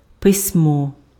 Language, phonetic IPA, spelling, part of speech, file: Ukrainian, [pesʲˈmɔ], письмо, noun, Uk-письмо.ogg
- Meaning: writing